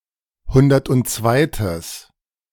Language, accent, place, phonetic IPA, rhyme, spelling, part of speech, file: German, Germany, Berlin, [ˈhʊndɐtʔʊntˈt͡svaɪ̯təs], -aɪ̯təs, hundertundzweites, adjective, De-hundertundzweites.ogg
- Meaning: strong/mixed nominative/accusative neuter singular of hundertundzweite